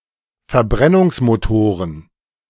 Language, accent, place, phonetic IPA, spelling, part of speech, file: German, Germany, Berlin, [fɛɐ̯ˈbʁɛnʊŋsmoˌtoːʁən], Verbrennungsmotoren, noun, De-Verbrennungsmotoren.ogg
- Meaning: plural of Verbrennungsmotor